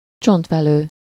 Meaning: bone marrow (the fatty vascular tissue that fills the cavities of bones)
- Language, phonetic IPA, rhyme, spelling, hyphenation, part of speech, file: Hungarian, [ˈt͡ʃontvɛløː], -løː, csontvelő, csont‧ve‧lő, noun, Hu-csontvelő.ogg